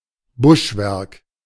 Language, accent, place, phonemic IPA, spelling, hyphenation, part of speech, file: German, Germany, Berlin, /ˈbʊʃˌvɛʁk/, Buschwerk, Busch‧werk, noun, De-Buschwerk.ogg
- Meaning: thicket